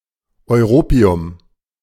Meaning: europium
- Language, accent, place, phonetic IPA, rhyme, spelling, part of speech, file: German, Germany, Berlin, [ɔɪ̯ˈʁoːpi̯ʊm], -oːpi̯ʊm, Europium, noun, De-Europium.ogg